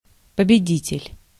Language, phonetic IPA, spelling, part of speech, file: Russian, [pəbʲɪˈdʲitʲɪlʲ], победитель, noun, Ru-победитель.ogg
- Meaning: winner, victor, vanquisher